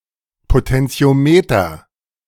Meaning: potentiometer
- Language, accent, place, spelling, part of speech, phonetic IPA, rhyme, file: German, Germany, Berlin, Potentiometer, noun, [potɛnt͡si̯oˈmeːtɐ], -eːtɐ, De-Potentiometer.ogg